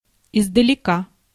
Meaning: 1. from afar 2. afar off
- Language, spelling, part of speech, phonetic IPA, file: Russian, издалека, adverb, [ɪzdəlʲɪˈka], Ru-издалека.ogg